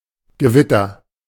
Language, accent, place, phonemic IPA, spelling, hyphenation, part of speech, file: German, Germany, Berlin, /ɡəˈvɪtɐ/, Gewitter, Ge‧wit‧ter, noun, De-Gewitter.ogg
- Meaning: thunderstorm, lightning storm